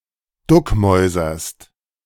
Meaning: second-person singular present of duckmäusern
- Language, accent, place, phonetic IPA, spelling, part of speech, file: German, Germany, Berlin, [ˈdʊkˌmɔɪ̯zɐst], duckmäuserst, verb, De-duckmäuserst.ogg